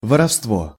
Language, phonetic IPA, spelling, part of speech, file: Russian, [vərɐfstˈvo], воровство, noun, Ru-воровство.ogg
- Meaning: theft, stealing, larceny